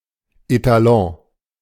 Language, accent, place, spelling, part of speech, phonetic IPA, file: German, Germany, Berlin, Etalon, noun, [etaˈlɔ̃ː], De-Etalon.ogg
- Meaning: standard (something used as a measure for comparative evaluations)